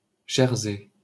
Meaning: Jersey (island)
- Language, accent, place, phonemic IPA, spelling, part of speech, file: French, France, Paris, /ʒɛʁ.zɛ/, Jersey, proper noun, LL-Q150 (fra)-Jersey.wav